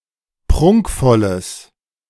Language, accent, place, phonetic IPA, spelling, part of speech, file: German, Germany, Berlin, [ˈpʁʊŋkfɔləs], prunkvolles, adjective, De-prunkvolles.ogg
- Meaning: strong/mixed nominative/accusative neuter singular of prunkvoll